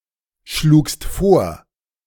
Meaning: second-person singular preterite of vorschlagen
- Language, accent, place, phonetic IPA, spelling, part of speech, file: German, Germany, Berlin, [ˌʃluːkst ˈfoːɐ̯], schlugst vor, verb, De-schlugst vor.ogg